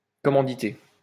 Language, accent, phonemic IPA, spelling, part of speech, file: French, France, /kɔ.mɑ̃.di.te/, commanditer, verb, LL-Q150 (fra)-commanditer.wav
- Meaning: to commission, finance, sponsor